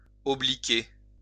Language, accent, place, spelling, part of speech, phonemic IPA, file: French, France, Lyon, obliquer, verb, /ɔ.bli.ke/, LL-Q150 (fra)-obliquer.wav
- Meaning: 1. to bear, bear off 2. to look away (from someone)